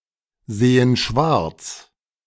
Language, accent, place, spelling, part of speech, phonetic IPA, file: German, Germany, Berlin, sehen schwarz, verb, [ˌzeːən ˈʃvaʁt͡s], De-sehen schwarz.ogg
- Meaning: inflection of schwarzsehen: 1. first/third-person plural present 2. first/third-person plural subjunctive I